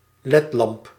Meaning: LED lamp
- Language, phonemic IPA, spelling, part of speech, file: Dutch, /ˈlɛtlɑmp/, ledlamp, noun, Nl-ledlamp.ogg